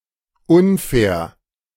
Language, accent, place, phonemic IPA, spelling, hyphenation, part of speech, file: German, Germany, Berlin, /ˈʊnˌfɛːr/, unfair, un‧fair, adjective, De-unfair.ogg
- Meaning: unfair